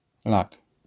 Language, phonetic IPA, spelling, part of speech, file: Polish, [lak], lak, noun, LL-Q809 (pol)-lak.wav